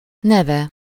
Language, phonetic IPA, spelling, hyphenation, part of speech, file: Hungarian, [ˈnɛvɛ], neve, ne‧ve, noun, Hu-neve.ogg
- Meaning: third-person singular single-possession possessive of név